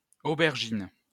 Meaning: 1. eggplant; aubergine 2. a French female traffic warden (from the colour of their uniforms; more recently pervenche)
- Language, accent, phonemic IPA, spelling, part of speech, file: French, France, /o.bɛʁ.ʒin/, aubergine, noun, LL-Q150 (fra)-aubergine.wav